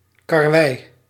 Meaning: caraway (Carum carvi)
- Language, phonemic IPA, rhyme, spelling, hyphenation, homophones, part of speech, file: Dutch, /kɑrˈʋɛi̯/, -ɛi̯, karwij, kar‧wij, karwei, noun, Nl-karwij.ogg